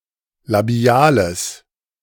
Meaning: strong/mixed nominative/accusative neuter singular of labial
- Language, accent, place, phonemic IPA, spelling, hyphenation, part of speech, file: German, Germany, Berlin, /laˈbi̯aːləs/, labiales, la‧bi‧a‧les, adjective, De-labiales.ogg